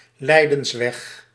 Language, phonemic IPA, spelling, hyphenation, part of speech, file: Dutch, /ˈlɛi̯.də(n)sˌʋɛx/, lijdensweg, lij‧dens‧weg, noun, Nl-lijdensweg.ogg
- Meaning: 1. the passion of Jesus 2. the Way of the Cross 3. a period of intense suffering